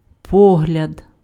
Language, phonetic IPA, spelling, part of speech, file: Ukrainian, [ˈpɔɦlʲɐd], погляд, noun, Uk-погляд.ogg
- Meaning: 1. look, glance 2. view, sight 3. opinion, judgment